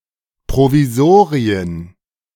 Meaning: plural of Provisorium
- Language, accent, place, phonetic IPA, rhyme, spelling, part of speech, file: German, Germany, Berlin, [pʁoviˈzoːʁiən], -oːʁiən, Provisorien, noun, De-Provisorien.ogg